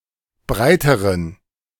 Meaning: inflection of breit: 1. strong genitive masculine/neuter singular comparative degree 2. weak/mixed genitive/dative all-gender singular comparative degree
- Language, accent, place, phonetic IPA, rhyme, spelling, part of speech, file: German, Germany, Berlin, [ˈbʁaɪ̯təʁən], -aɪ̯təʁən, breiteren, adjective, De-breiteren.ogg